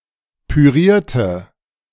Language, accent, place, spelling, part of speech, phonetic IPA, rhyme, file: German, Germany, Berlin, pürierte, adjective / verb, [pyˈʁiːɐ̯tə], -iːɐ̯tə, De-pürierte.ogg
- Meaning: inflection of pürieren: 1. first/third-person singular preterite 2. first/third-person singular subjunctive II